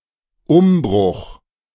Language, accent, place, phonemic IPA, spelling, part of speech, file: German, Germany, Berlin, /ˈʊmˌbʁʊx/, Umbruch, noun, De-Umbruch.ogg
- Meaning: upheaval